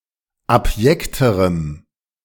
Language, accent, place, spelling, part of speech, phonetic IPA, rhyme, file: German, Germany, Berlin, abjekterem, adjective, [apˈjɛktəʁəm], -ɛktəʁəm, De-abjekterem.ogg
- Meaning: strong dative masculine/neuter singular comparative degree of abjekt